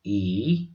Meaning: The fourth character in the Odia abugida
- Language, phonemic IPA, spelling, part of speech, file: Odia, /i/, ଈ, character, Or-ଈ.oga